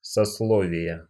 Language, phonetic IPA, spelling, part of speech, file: Russian, [sɐsˈɫovʲɪjə], сословия, noun, Ru-сословия.ogg
- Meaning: inflection of сосло́вие (soslóvije): 1. genitive singular 2. nominative/accusative plural